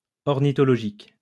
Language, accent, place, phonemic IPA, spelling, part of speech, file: French, France, Lyon, /ɔʁ.ni.tɔ.lɔ.ʒik/, ornithologique, adjective, LL-Q150 (fra)-ornithologique.wav
- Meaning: ornithological